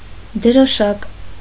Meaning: flag; small flag
- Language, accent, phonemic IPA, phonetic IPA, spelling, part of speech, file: Armenian, Eastern Armenian, /d(ə)ɾoˈʃɑk/, [d(ə)ɾoʃɑ́k], դրոշակ, noun, Hy-դրոշակ.ogg